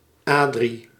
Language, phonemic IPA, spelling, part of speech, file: Dutch, /ˈaː.dri/, Adrie, proper noun, Nl-Adrie.ogg
- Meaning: 1. a male given name, derived from Adriaan 2. a female given name, derived from Adriënne